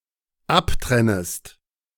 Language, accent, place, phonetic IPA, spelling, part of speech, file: German, Germany, Berlin, [ˈapˌtʁɛnəst], abtrennest, verb, De-abtrennest.ogg
- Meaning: second-person singular dependent subjunctive I of abtrennen